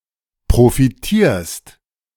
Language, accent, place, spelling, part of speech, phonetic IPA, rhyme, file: German, Germany, Berlin, profitierst, verb, [pʁofiˈtiːɐ̯st], -iːɐ̯st, De-profitierst.ogg
- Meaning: second-person singular present of profitieren